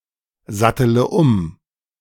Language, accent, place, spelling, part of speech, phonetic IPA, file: German, Germany, Berlin, sattele um, verb, [ˌzatələ ˈʊm], De-sattele um.ogg
- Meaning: inflection of umsatteln: 1. first-person singular present 2. first-person plural subjunctive I 3. third-person singular subjunctive I 4. singular imperative